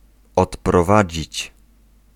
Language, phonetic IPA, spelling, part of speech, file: Polish, [ˌɔtprɔˈvad͡ʑit͡ɕ], odprowadzić, verb, Pl-odprowadzić.ogg